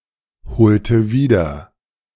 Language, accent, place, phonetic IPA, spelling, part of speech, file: German, Germany, Berlin, [bəˈt͡saɪ̯çnətəm], bezeichnetem, adjective, De-bezeichnetem.ogg
- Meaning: strong dative masculine/neuter singular of bezeichnet